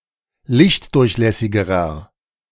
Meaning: inflection of lichtdurchlässig: 1. strong/mixed nominative masculine singular comparative degree 2. strong genitive/dative feminine singular comparative degree
- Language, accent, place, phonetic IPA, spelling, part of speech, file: German, Germany, Berlin, [ˈlɪçtˌdʊʁçlɛsɪɡəʁɐ], lichtdurchlässigerer, adjective, De-lichtdurchlässigerer.ogg